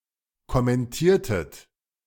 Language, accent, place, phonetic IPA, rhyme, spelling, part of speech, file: German, Germany, Berlin, [kɔmɛnˈtiːɐ̯tət], -iːɐ̯tət, kommentiertet, verb, De-kommentiertet.ogg
- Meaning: inflection of kommentieren: 1. second-person plural preterite 2. second-person plural subjunctive II